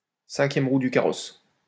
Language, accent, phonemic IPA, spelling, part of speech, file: French, France, /sɛ̃.kjɛm ʁu dy ka.ʁɔs/, cinquième roue du carrosse, noun, LL-Q150 (fra)-cinquième roue du carrosse.wav
- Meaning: fifth wheel (anything superfluous or unnecessary)